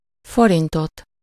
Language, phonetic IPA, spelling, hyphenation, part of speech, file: Hungarian, [ˈforintot], forintot, fo‧rin‧tot, noun, Hu-forintot.ogg
- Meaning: accusative singular of forint